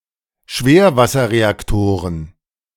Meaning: plural of Schwerwasserreaktor
- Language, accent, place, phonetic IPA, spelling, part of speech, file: German, Germany, Berlin, [ˈʃveːɐ̯vasɐʁeakˌtoːʁən], Schwerwasserreaktoren, noun, De-Schwerwasserreaktoren.ogg